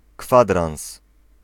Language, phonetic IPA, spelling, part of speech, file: Polish, [ˈkfadrãw̃s], kwadrans, noun, Pl-kwadrans.ogg